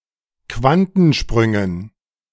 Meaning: dative plural of Quantensprung
- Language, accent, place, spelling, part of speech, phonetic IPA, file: German, Germany, Berlin, Quantensprüngen, noun, [ˈkvantn̩ˌʃpʁʏŋən], De-Quantensprüngen.ogg